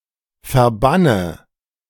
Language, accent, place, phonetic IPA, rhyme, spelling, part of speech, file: German, Germany, Berlin, [fɛɐ̯ˈbanə], -anə, verbanne, verb, De-verbanne.ogg
- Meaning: inflection of verbannen: 1. first-person singular present 2. first/third-person singular subjunctive I 3. singular imperative